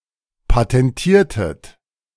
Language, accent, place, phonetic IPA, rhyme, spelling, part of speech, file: German, Germany, Berlin, [patɛnˈtiːɐ̯tət], -iːɐ̯tət, patentiertet, verb, De-patentiertet.ogg
- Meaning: inflection of patentieren: 1. second-person plural preterite 2. second-person plural subjunctive II